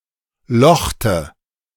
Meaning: inflection of lochen: 1. first/third-person singular preterite 2. first/third-person singular subjunctive II
- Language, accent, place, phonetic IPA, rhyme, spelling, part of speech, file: German, Germany, Berlin, [ˈlɔxtə], -ɔxtə, lochte, verb, De-lochte.ogg